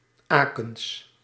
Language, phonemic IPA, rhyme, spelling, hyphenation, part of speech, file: Dutch, /ˈaː.kəns/, -aːkəns, Akens, Akens, adjective, Nl-Akens.ogg
- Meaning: of, from or pertaining to Aachen